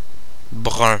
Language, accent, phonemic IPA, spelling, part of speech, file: French, Quebec, /bʀœ̃˞/, brun, adjective / noun, Qc-brun.oga
- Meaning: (adjective) brown (color/colour); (noun) brown-haired person